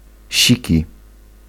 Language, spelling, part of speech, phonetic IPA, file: Polish, siki, noun, [ˈɕici], Pl-siki.ogg